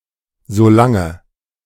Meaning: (adverb) meanwhile; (conjunction) as long as: 1. while, since 2. provided that, assuming
- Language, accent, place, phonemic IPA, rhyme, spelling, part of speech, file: German, Germany, Berlin, /zoˈlaŋə/, -aŋə, solange, adverb / conjunction, De-solange.ogg